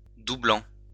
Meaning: present participle of doubler
- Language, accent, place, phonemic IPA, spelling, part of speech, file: French, France, Lyon, /du.blɑ̃/, doublant, verb, LL-Q150 (fra)-doublant.wav